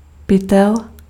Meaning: bag, sack (flexible container)
- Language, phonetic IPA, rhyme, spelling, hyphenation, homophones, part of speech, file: Czech, [ˈpɪtɛl], -ɪtɛl, pytel, py‧tel, Pytel, noun, Cs-pytel.ogg